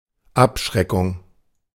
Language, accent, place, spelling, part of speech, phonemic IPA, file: German, Germany, Berlin, Abschreckung, noun, /ˈapˌʃʁɛkʊŋ/, De-Abschreckung.ogg
- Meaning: 1. deterrence 2. terror